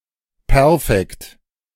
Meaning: perfect
- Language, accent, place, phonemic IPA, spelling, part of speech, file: German, Germany, Berlin, /ˈpɛɐ̯.fɛkt/, Perfekt, noun, De-Perfekt.ogg